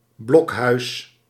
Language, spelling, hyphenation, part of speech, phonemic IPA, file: Dutch, blokhuis, blok‧huis, noun, /ˈblɔk.ɦœy̯s/, Nl-blokhuis.ogg
- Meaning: 1. a blockhouse (wooden stand-alone fortification) 2. a log cabin